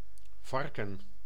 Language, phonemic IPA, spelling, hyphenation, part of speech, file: Dutch, /ˈvɑrkə(n)/, varken, var‧ken, noun, Nl-varken.ogg
- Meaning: 1. pig (Sus scrofa domesticus) 2. a swine, a dirty, gross or foul person 3. a student who does not belong to a student society; one who is neither a frat boy nor a soror